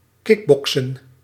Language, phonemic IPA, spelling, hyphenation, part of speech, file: Dutch, /ˈkɪkˌbɔksə(n)/, kickboksen, kick‧bok‧sen, verb, Nl-kickboksen.ogg
- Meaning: to kickbox, to play kickboxing